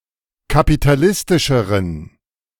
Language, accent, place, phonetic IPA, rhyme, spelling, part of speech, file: German, Germany, Berlin, [kapitaˈlɪstɪʃəʁən], -ɪstɪʃəʁən, kapitalistischeren, adjective, De-kapitalistischeren.ogg
- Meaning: inflection of kapitalistisch: 1. strong genitive masculine/neuter singular comparative degree 2. weak/mixed genitive/dative all-gender singular comparative degree